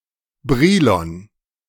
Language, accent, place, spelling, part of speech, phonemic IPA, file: German, Germany, Berlin, Brilon, proper noun, /ˈbʁiːlɔn/, De-Brilon.ogg
- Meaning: a town in North Rhine-Westphalia, Germany